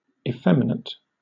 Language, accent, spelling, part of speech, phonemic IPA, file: English, Southern England, effeminate, adjective, /ɪˈfɛmɪnət/, LL-Q1860 (eng)-effeminate.wav
- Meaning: 1. Of a boy or man, exhibiting behavior or mannerisms considered typical of a woman or unmasculine 2. Womanly; tender, affectionate, caring